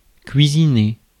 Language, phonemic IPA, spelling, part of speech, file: French, /kɥi.zi.ne/, cuisiner, verb, Fr-cuisiner.ogg
- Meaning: 1. to cook (prepare food) 2. to grill (bombard with questions)